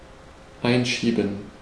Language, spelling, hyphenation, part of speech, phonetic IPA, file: German, einschieben, ein‧schie‧ben, verb, [ˈaɪ̯nˌʃiːbn̩], De-einschieben.ogg
- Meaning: 1. to slide something in 2. to insert